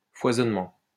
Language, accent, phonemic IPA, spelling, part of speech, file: French, France, /fwa.zɔn.mɑ̃/, foisonnement, noun, LL-Q150 (fra)-foisonnement.wav
- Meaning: abundance, proliferation